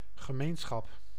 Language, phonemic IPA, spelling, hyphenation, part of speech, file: Dutch, /ɣəˈmeːnˌsxɑp/, gemeenschap, ge‧meen‧schap, noun, Nl-gemeenschap.ogg
- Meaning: 1. community 2. commonality 3. intercourse, sexual intercourse